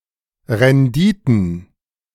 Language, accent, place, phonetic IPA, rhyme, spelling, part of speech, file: German, Germany, Berlin, [ʁɛnˈdiːtn̩], -iːtn̩, Renditen, noun, De-Renditen.ogg
- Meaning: plural of Rendite